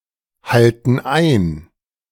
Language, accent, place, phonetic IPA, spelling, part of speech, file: German, Germany, Berlin, [ˌhaltn̩ ˈaɪ̯n], halten ein, verb, De-halten ein.ogg
- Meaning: inflection of einhalten: 1. first/third-person plural present 2. first/third-person plural subjunctive I